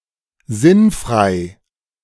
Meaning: senseless, inane, absurd
- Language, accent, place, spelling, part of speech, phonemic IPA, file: German, Germany, Berlin, sinnfrei, adjective, /ˈzɪnˌfʁaɪ̯/, De-sinnfrei.ogg